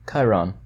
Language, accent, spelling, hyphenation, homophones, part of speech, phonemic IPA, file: English, US, chyron, chy‧ron, Chiron, noun / verb, /ˈkaɪɹɑn/, En-us-chyron.ogg
- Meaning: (noun) A set of graphics or words at the bottom of a television screen, sometimes unrelated to the current viewing content; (verb) To display (material) on screen by this technology